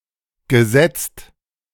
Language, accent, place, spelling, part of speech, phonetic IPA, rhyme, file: German, Germany, Berlin, gesetzt, verb, [ɡəˈzɛt͡st], -ɛt͡st, De-gesetzt.ogg
- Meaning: past participle of setzen